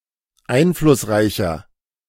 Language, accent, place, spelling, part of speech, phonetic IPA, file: German, Germany, Berlin, einflussreicher, adjective, [ˈaɪ̯nflʊsˌʁaɪ̯çɐ], De-einflussreicher.ogg
- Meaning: 1. comparative degree of einflussreich 2. inflection of einflussreich: strong/mixed nominative masculine singular 3. inflection of einflussreich: strong genitive/dative feminine singular